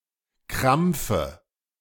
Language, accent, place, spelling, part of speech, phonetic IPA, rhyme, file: German, Germany, Berlin, Krampfe, noun, [ˈkʁamp͡fə], -amp͡fə, De-Krampfe.ogg
- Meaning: dative singular of Krampf